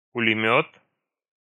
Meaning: machine gun
- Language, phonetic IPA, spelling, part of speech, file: Russian, [pʊlʲɪˈmʲɵt], пулемёт, noun, Ru-пулемёт.ogg